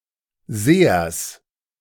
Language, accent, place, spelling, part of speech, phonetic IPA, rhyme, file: German, Germany, Berlin, Sehers, noun, [ˈzeːɐs], -eːɐs, De-Sehers.ogg
- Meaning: genitive singular of Seher